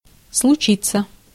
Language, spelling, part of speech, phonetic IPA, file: Russian, случиться, verb, [sɫʊˈt͡ɕit͡sːə], Ru-случиться.ogg
- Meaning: to happen, to occur, to come about